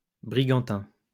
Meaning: brig (two-masted vessel)
- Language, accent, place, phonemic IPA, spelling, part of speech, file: French, France, Lyon, /bʁi.ɡɑ̃.tɛ̃/, brigantin, noun, LL-Q150 (fra)-brigantin.wav